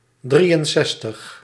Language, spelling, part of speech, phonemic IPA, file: Dutch, drieënzestig, numeral, /ˈdri(j)ənˌzɛstəx/, Nl-drieënzestig.ogg
- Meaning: sixty-three